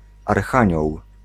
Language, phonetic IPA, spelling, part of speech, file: Polish, [arˈxãɲɔw], archanioł, noun, Pl-archanioł.ogg